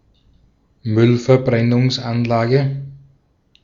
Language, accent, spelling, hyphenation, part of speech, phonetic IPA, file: German, Austria, Müllverbrennungsanlage, Müll‧ver‧bren‧nungs‧an‧la‧ge, noun, [ˈmʏlfɛɐ̯bʁɛnʊŋsanlaːɡə], De-at-Müllverbrennungsanlage.ogg
- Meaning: waste incinerator